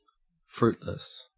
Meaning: 1. Bearing no fruit; barren 2. Unproductive, useless 3. Of a person: unable to have children; barren, infertile 4. Of a diet, etc.: without fruit
- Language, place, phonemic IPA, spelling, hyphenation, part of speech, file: English, Queensland, /ˈfɹʉːtləs/, fruitless, fruit‧less, adjective, En-au-fruitless.ogg